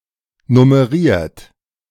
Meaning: 1. past participle of nummerieren 2. inflection of nummerieren: third-person singular present 3. inflection of nummerieren: second-person plural present 4. inflection of nummerieren: plural imperative
- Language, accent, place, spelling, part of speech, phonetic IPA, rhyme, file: German, Germany, Berlin, nummeriert, verb, [nʊməˈʁiːɐ̯t], -iːɐ̯t, De-nummeriert.ogg